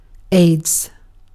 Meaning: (noun) Acronym of acquired immunodeficiency syndrome; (adjective) Extremely annoying or frustrating
- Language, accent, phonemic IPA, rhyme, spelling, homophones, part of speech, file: English, UK, /eɪdz/, -eɪdz, AIDS, aids / aides, noun / adjective, En-uk-AIDS.ogg